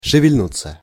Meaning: 1. to stir, to move 2. to awaken, to show signs of life 3. (thoughts, feelings, etc.) to appear 4. passive of шевельну́ть (ševelʹnútʹ)
- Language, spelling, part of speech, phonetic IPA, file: Russian, шевельнуться, verb, [ʂɨvʲɪlʲˈnut͡sːə], Ru-шевельнуться.ogg